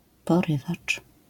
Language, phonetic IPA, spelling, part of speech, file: Polish, [pɔˈrɨvat͡ʃ], porywacz, noun, LL-Q809 (pol)-porywacz.wav